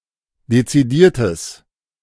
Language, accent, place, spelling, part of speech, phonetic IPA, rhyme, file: German, Germany, Berlin, dezidiertes, adjective, [det͡siˈdiːɐ̯təs], -iːɐ̯təs, De-dezidiertes.ogg
- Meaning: strong/mixed nominative/accusative neuter singular of dezidiert